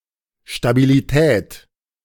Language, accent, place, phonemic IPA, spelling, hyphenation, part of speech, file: German, Germany, Berlin, /ʃtabiliˈtɛːt/, Stabilität, Sta‧bi‧li‧tät, noun, De-Stabilität.ogg
- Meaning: stability